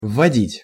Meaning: 1. to introduce 2. to bring in, to usher in 3. to input 4. to bring into effect
- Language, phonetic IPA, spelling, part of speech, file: Russian, [vːɐˈdʲitʲ], вводить, verb, Ru-вводить.ogg